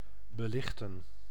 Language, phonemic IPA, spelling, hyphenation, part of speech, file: Dutch, /bəˈlɪxtə(n)/, belichten, be‧lich‧ten, verb, Nl-belichten.ogg
- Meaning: 1. to illuminate 2. to expose